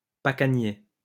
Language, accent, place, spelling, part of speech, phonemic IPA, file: French, France, Lyon, pacanier, noun, /pa.ka.nje/, LL-Q150 (fra)-pacanier.wav
- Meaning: pecan (tree)